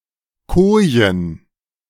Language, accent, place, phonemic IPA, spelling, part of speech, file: German, Germany, Berlin, /ˈkoː.jən/, Kojen, noun, De-Kojen.ogg
- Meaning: 1. nominative feminine plural of Koje 2. genitive feminine plural of Koje 3. dative feminine plural of Koje 4. accusative feminine plural of Koje